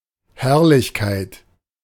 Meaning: glory, splendour
- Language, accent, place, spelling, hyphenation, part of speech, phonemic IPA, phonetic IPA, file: German, Germany, Berlin, Herrlichkeit, Herr‧lich‧keit, noun, /ˈhɛʁlɪçkaɪ̯t/, [ˈhɛɐ̯lɪçkʰaɪ̯tʰ], De-Herrlichkeit.ogg